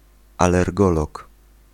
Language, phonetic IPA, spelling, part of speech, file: Polish, [ˌalɛrˈɡɔlɔk], alergolog, noun, Pl-alergolog.ogg